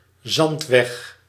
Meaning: sandy dirt road (unpaved road covered in sand)
- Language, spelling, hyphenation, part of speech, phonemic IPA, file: Dutch, zandweg, zand‧weg, noun, /ˈzɑnt.ʋɛx/, Nl-zandweg.ogg